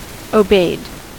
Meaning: simple past and past participle of obey
- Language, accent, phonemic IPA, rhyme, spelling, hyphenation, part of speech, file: English, US, /oʊˈbeɪd/, -eɪd, obeyed, obeyed, verb, En-us-obeyed.ogg